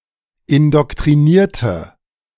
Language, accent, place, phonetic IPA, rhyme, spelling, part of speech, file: German, Germany, Berlin, [ɪndɔktʁiˈniːɐ̯tə], -iːɐ̯tə, indoktrinierte, adjective / verb, De-indoktrinierte.ogg
- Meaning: inflection of indoktrinieren: 1. first/third-person singular preterite 2. first/third-person singular subjunctive II